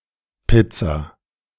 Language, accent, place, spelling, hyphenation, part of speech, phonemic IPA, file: German, Germany, Berlin, Pizza, Piz‧za, noun, /ˈpɪtsa/, De-Pizza3.ogg
- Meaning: pizza